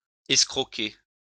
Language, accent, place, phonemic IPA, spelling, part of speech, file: French, France, Lyon, /ɛs.kʁɔ.ke/, escroquer, verb, LL-Q150 (fra)-escroquer.wav
- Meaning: to swindle